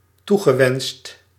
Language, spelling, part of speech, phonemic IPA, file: Dutch, toegewenst, verb, /ˈtuɣəˌwɛnst/, Nl-toegewenst.ogg
- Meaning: past participle of toewensen